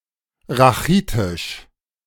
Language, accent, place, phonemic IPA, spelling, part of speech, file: German, Germany, Berlin, /ʁaˈχiːtɪʃ/, rachitisch, adjective, De-rachitisch.ogg
- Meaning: 1. rachitic 2. rickety